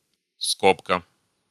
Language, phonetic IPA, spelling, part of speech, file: Russian, [ˈskopkə], скобка, noun, Ru-скобка.ogg
- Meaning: 1. parenthesis, bracket 2. bracket